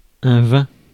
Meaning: wine
- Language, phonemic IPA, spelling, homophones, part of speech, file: French, /vɛ̃/, vin, vain / vainc / vaincs / vains / vingt / vingts / vins / vint / vînt, noun, Fr-vin.ogg